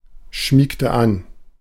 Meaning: inflection of anschmiegen: 1. first/third-person singular preterite 2. first/third-person singular subjunctive II
- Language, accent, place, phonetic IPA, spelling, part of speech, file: German, Germany, Berlin, [ˌʃmiːktə ˈan], schmiegte an, verb, De-schmiegte an.ogg